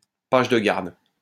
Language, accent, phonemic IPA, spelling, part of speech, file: French, France, /paʒ də ɡaʁd/, page de garde, noun, LL-Q150 (fra)-page de garde.wav
- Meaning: flyleaf; endpaper